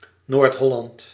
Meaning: North Holland, a province of the Netherlands
- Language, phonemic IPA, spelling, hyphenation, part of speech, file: Dutch, /ˈnoːrt ˈɦɔ.lɑnt/, Noord-Holland, Noord-‧Hol‧land, proper noun, Nl-Noord-Holland.ogg